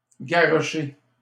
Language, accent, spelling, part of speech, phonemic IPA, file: French, Canada, garrocher, verb, /ɡa.ʁɔ.ʃe/, LL-Q150 (fra)-garrocher.wav
- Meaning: 1. to throw 2. to throw aimlessly or carelessly